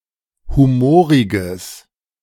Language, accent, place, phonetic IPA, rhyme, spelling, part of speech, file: German, Germany, Berlin, [ˌhuˈmoːʁɪɡəs], -oːʁɪɡəs, humoriges, adjective, De-humoriges.ogg
- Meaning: strong/mixed nominative/accusative neuter singular of humorig